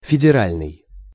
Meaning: federal
- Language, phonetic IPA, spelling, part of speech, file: Russian, [fʲɪdʲɪˈralʲnɨj], федеральный, adjective, Ru-федеральный.ogg